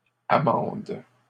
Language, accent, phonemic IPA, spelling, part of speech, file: French, Canada, /a.mɑ̃d/, amendes, verb, LL-Q150 (fra)-amendes.wav
- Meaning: second-person singular present indicative/subjunctive of amender